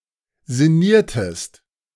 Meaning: inflection of sinnieren: 1. second-person singular preterite 2. second-person singular subjunctive II
- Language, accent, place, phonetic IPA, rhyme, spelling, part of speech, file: German, Germany, Berlin, [zɪˈniːɐ̯təst], -iːɐ̯təst, sinniertest, verb, De-sinniertest.ogg